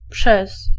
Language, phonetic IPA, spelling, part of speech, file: Polish, [pʃɛs], przez, preposition, Pl-przez.ogg